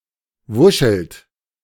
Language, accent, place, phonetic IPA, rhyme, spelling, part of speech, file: German, Germany, Berlin, [ˈvʊʃl̩t], -ʊʃl̩t, wuschelt, verb, De-wuschelt.ogg
- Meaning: inflection of wuscheln: 1. second-person plural present 2. third-person singular present 3. plural imperative